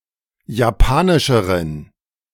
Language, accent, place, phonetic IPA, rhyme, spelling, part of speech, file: German, Germany, Berlin, [jaˈpaːnɪʃəʁən], -aːnɪʃəʁən, japanischeren, adjective, De-japanischeren.ogg
- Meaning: inflection of japanisch: 1. strong genitive masculine/neuter singular comparative degree 2. weak/mixed genitive/dative all-gender singular comparative degree